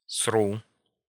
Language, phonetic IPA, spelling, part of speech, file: Russian, [sru], сру, verb, Ru-сру.ogg
- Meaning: first-person singular present indicative imperfective of срать (sratʹ)